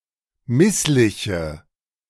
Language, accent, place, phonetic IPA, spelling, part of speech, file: German, Germany, Berlin, [ˈmɪslɪçə], missliche, adjective, De-missliche.ogg
- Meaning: inflection of misslich: 1. strong/mixed nominative/accusative feminine singular 2. strong nominative/accusative plural 3. weak nominative all-gender singular